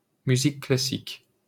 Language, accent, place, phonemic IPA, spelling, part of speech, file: French, France, Paris, /my.zik kla.sik/, musique classique, noun, LL-Q150 (fra)-musique classique.wav
- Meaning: classical music